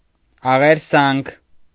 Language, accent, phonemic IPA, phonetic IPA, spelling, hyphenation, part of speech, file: Armenian, Eastern Armenian, /ɑʁeɾˈsɑnkʰ/, [ɑʁeɾsɑ́ŋkʰ], աղերսանք, ա‧ղեր‧սանք, noun, Hy-աղերսանք.ogg
- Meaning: entreaty, supplication